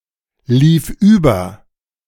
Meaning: first/third-person singular preterite of überlaufen
- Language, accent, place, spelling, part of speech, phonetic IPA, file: German, Germany, Berlin, lief über, verb, [ˌliːf ˈyːbɐ], De-lief über.ogg